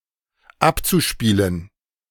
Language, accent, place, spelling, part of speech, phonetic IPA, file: German, Germany, Berlin, abzuspielen, verb, [ˈapt͡suˌʃpiːlən], De-abzuspielen.ogg
- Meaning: zu-infinitive of abspielen